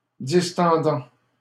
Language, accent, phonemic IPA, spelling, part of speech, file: French, Canada, /dis.tɑ̃.dɑ̃/, distendant, verb, LL-Q150 (fra)-distendant.wav
- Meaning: present participle of distendre